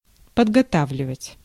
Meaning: to prepare, to train
- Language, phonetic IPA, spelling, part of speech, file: Russian, [pədɡɐˈtavlʲɪvətʲ], подготавливать, verb, Ru-подготавливать.ogg